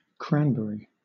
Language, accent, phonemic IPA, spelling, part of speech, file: English, Southern England, /ˈkræn.b(ə).ri/, cranberry, noun / adjective / verb, LL-Q1860 (eng)-cranberry.wav
- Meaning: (noun) 1. A shrub belonging to the section Vaccinium sect. Oxycoccus of the genus Vaccinium 2. The edible red berry of that shrub 3. An intense red colour, like that of a cranberry